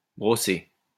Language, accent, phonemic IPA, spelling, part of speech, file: French, France, /bʁɔ.se/, brossée, verb, LL-Q150 (fra)-brossée.wav
- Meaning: feminine singular of brossé